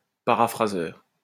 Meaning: paraphraser
- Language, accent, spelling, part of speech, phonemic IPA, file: French, France, paraphraseur, noun, /pa.ʁa.fʁa.zœʁ/, LL-Q150 (fra)-paraphraseur.wav